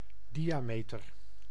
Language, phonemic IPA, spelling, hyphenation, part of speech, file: Dutch, /ˈdi.aːˌmeː.tər/, diameter, di‧a‧me‧ter, noun, Nl-diameter.ogg
- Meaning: 1. diameter (length of diametrical chord) 2. diameter (diametrical chord)